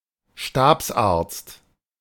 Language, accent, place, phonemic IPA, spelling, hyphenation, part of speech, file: German, Germany, Berlin, /ˈʃtaːpsˌʔaːɐ̯t͡st/, Stabsarzt, Stabs‧arzt, noun, De-Stabsarzt.ogg
- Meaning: staff surgeon, medical officer